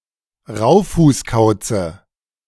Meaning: dative of Raufußkauz
- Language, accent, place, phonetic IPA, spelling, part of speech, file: German, Germany, Berlin, [ˈʁaʊ̯fuːsˌkaʊ̯t͡sə], Raufußkauze, noun, De-Raufußkauze.ogg